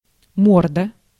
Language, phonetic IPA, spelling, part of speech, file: Russian, [ˈmordə], морда, noun, Ru-морда.ogg
- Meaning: 1. face of an animal, muzzle, snout 2. face of a person (usually ugly), mug